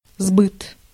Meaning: sale
- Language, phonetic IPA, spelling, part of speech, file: Russian, [zbɨt], сбыт, noun, Ru-сбыт.ogg